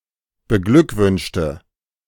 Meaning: inflection of beglückwünschen: 1. first/third-person singular preterite 2. first/third-person singular subjunctive II
- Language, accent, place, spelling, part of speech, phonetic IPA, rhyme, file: German, Germany, Berlin, beglückwünschte, adjective / verb, [bəˈɡlʏkˌvʏnʃtə], -ʏkvʏnʃtə, De-beglückwünschte.ogg